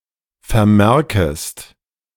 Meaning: second-person singular subjunctive I of vermerken
- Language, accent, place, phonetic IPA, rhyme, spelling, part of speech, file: German, Germany, Berlin, [fɛɐ̯ˈmɛʁkəst], -ɛʁkəst, vermerkest, verb, De-vermerkest.ogg